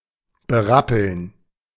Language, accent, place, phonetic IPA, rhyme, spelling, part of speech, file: German, Germany, Berlin, [bəˈʁapl̩n], -apl̩n, berappeln, verb, De-berappeln.ogg
- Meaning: to rally (recover after a period of weakness, said e.g. of ill people or sports teams)